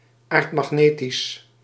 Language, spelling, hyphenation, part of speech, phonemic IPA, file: Dutch, aardmagnetisch, aard‧mag‧ne‧tisch, adjective, /ˈaːrt.mɑxˌneː.tis/, Nl-aardmagnetisch.ogg
- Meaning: geomagnetic